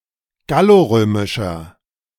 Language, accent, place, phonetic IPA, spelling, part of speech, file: German, Germany, Berlin, [ˈɡaloˌʁøːmɪʃɐ], gallorömischer, adjective, De-gallorömischer.ogg
- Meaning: inflection of gallorömisch: 1. strong/mixed nominative masculine singular 2. strong genitive/dative feminine singular 3. strong genitive plural